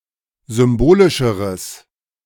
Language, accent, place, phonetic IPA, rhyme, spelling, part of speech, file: German, Germany, Berlin, [ˌzʏmˈboːlɪʃəʁəs], -oːlɪʃəʁəs, symbolischeres, adjective, De-symbolischeres.ogg
- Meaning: strong/mixed nominative/accusative neuter singular comparative degree of symbolisch